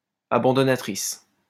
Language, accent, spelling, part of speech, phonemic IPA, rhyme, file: French, France, abandonnatrice, adjective, /a.bɑ̃.dɔ.na.tʁis/, -is, LL-Q150 (fra)-abandonnatrice.wav
- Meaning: feminine singular of abandonnateur